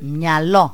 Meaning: 1. brain 2. brains (used as food) 3. brain (person providing intellectual input) 4. mind 5. head
- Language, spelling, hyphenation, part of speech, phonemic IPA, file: Greek, μυαλό, μυα‧λό, noun, /mɲaˈlo/, Ell-myalo.ogg